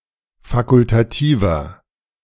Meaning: inflection of fakultativ: 1. strong/mixed nominative masculine singular 2. strong genitive/dative feminine singular 3. strong genitive plural
- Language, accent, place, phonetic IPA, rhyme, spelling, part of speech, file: German, Germany, Berlin, [ˌfakʊltaˈtiːvɐ], -iːvɐ, fakultativer, adjective, De-fakultativer.ogg